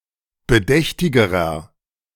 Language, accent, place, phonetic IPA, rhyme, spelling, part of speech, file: German, Germany, Berlin, [bəˈdɛçtɪɡəʁɐ], -ɛçtɪɡəʁɐ, bedächtigerer, adjective, De-bedächtigerer.ogg
- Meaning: inflection of bedächtig: 1. strong/mixed nominative masculine singular comparative degree 2. strong genitive/dative feminine singular comparative degree 3. strong genitive plural comparative degree